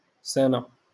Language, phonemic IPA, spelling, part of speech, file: Moroccan Arabic, /sa.na/, سنة, noun, LL-Q56426 (ary)-سنة.wav
- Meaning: year